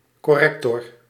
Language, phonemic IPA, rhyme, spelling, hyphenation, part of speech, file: Dutch, /ˌkɔˈrɛk.tɔr/, -ɛktɔr, corrector, cor‧rec‧tor, noun, Nl-corrector.ogg
- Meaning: corrector